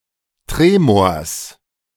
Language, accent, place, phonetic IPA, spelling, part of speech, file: German, Germany, Berlin, [ˈtʁeːmoːɐ̯s], Tremors, noun, De-Tremors.ogg
- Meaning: genitive singular of Tremor